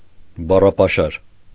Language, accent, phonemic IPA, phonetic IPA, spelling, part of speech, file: Armenian, Eastern Armenian, /bɑrɑpɑˈʃɑɾ/, [bɑrɑpɑʃɑ́ɾ], բառապաշար, noun, Hy-բառապաշար.ogg
- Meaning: 1. vocabulary (totality of words of a language) 2. vocabulary (stock of words used by someone)